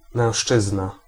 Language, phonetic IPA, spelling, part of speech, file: Polish, [mɛ̃w̃ʃˈt͡ʃɨzna], mężczyzna, noun, Pl-mężczyzna.ogg